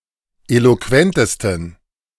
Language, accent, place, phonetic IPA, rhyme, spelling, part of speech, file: German, Germany, Berlin, [ˌeloˈkvɛntəstn̩], -ɛntəstn̩, eloquentesten, adjective, De-eloquentesten.ogg
- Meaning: 1. superlative degree of eloquent 2. inflection of eloquent: strong genitive masculine/neuter singular superlative degree